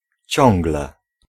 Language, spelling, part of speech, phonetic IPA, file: Polish, ciągle, adverb, [ˈt͡ɕɔ̃ŋɡlɛ], Pl-ciągle.ogg